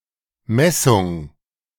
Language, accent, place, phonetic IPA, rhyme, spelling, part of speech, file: German, Germany, Berlin, [ˈmɛsʊŋ], -ɛsʊŋ, Messung, noun, De-Messung.ogg
- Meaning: 1. measurement, mensuration 2. metering